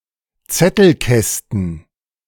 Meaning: plural of Zettelkasten
- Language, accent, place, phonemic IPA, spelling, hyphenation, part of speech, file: German, Germany, Berlin, /ˈt͡sɛtl̩ˌˈkɛstn̩/, Zettelkästen, Zet‧tel‧käs‧ten, noun, De-Zettelkästen.ogg